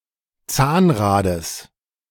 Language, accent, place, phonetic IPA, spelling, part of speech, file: German, Germany, Berlin, [ˈt͡saːnˌʁaːdəs], Zahnrades, noun, De-Zahnrades.ogg
- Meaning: genitive singular of Zahnrad